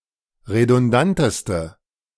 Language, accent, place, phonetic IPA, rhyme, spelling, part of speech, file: German, Germany, Berlin, [ʁedʊnˈdantəstə], -antəstə, redundanteste, adjective, De-redundanteste.ogg
- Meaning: inflection of redundant: 1. strong/mixed nominative/accusative feminine singular superlative degree 2. strong nominative/accusative plural superlative degree